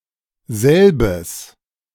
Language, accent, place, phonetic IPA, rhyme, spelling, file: German, Germany, Berlin, [ˈzɛlbəs], -ɛlbəs, selbes, De-selbes.ogg
- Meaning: inflection of selber: 1. strong genitive masculine singular 2. strong nominative/genitive/accusative neuter singular